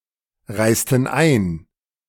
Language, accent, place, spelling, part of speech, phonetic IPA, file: German, Germany, Berlin, reisten ein, verb, [ˌʁaɪ̯stn̩ ˈaɪ̯n], De-reisten ein.ogg
- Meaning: inflection of einreisen: 1. first/third-person plural preterite 2. first/third-person plural subjunctive II